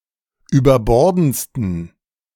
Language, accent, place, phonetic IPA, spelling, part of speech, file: German, Germany, Berlin, [yːbɐˈbɔʁdn̩t͡stən], überbordendsten, adjective, De-überbordendsten.ogg
- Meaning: 1. superlative degree of überbordend 2. inflection of überbordend: strong genitive masculine/neuter singular superlative degree